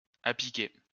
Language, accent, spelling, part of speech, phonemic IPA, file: French, France, apiquer, verb, /a.pi.ke/, LL-Q150 (fra)-apiquer.wav
- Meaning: to make vertical